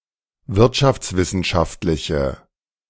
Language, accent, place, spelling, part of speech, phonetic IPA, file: German, Germany, Berlin, wirtschaftswissenschaftliche, adjective, [ˈvɪʁtʃaft͡sˌvɪsn̩ʃaftlɪçə], De-wirtschaftswissenschaftliche.ogg
- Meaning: inflection of wirtschaftswissenschaftlich: 1. strong/mixed nominative/accusative feminine singular 2. strong nominative/accusative plural 3. weak nominative all-gender singular